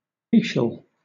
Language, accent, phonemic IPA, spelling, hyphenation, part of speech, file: English, Southern England, /ˈfiːʃəl/, fetial, fe‧tial, noun / adjective, LL-Q1860 (eng)-fetial.wav
- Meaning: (noun) A member of the Roman college of priests who acted as representatives in disputes with foreign nations